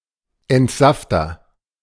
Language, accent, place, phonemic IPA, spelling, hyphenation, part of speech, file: German, Germany, Berlin, /ɛntˈzaftɐ/, Entsafter, Ent‧saf‧ter, noun, De-Entsafter.ogg
- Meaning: agent noun of entsaften: 1. juicer (device used for juicing fruit) 2. one who juices